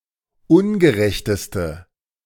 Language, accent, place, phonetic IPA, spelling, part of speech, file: German, Germany, Berlin, [ˈʊnɡəˌʁɛçtəstə], ungerechteste, adjective, De-ungerechteste.ogg
- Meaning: inflection of ungerecht: 1. strong/mixed nominative/accusative feminine singular superlative degree 2. strong nominative/accusative plural superlative degree